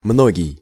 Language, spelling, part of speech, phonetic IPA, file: Russian, многий, adjective, [ˈmnoɡʲɪj], Ru-многий.ogg
- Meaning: 1. much 2. many